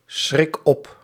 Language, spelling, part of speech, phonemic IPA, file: Dutch, schrik op, verb, /ˈsxrɪk ˈɔp/, Nl-schrik op.ogg
- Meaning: inflection of opschrikken: 1. first-person singular present indicative 2. second-person singular present indicative 3. imperative